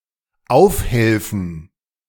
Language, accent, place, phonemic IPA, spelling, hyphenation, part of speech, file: German, Germany, Berlin, /ˈaʊ̯fˌhɛlfn̩/, aufhelfen, auf‧hel‧fen, verb, De-aufhelfen.ogg
- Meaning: to help up